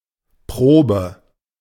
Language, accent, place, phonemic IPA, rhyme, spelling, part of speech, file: German, Germany, Berlin, /ˈpʁoːbə/, -oːbə, Probe, noun, De-Probe.ogg
- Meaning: 1. trial 2. test 3. rehearsal 4. sample